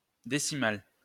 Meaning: decimal
- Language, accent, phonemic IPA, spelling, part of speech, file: French, France, /de.si.mal/, décimal, adjective, LL-Q150 (fra)-décimal.wav